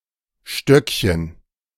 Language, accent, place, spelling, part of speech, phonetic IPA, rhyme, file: German, Germany, Berlin, Stöckchen, noun, [ˈʃtœkçən], -œkçən, De-Stöckchen.ogg
- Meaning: diminutive of Stock: little stick